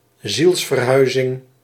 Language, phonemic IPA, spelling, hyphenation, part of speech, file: Dutch, /ˈzils.vərˌɦœy̯.zɪŋ/, zielsverhuizing, ziels‧ver‧hui‧zing, noun, Nl-zielsverhuizing.ogg
- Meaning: transmigration of the soul, reincarnation, metempsychosis